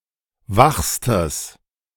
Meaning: strong/mixed nominative/accusative neuter singular superlative degree of wach
- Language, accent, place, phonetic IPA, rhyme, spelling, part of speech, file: German, Germany, Berlin, [ˈvaxstəs], -axstəs, wachstes, adjective, De-wachstes.ogg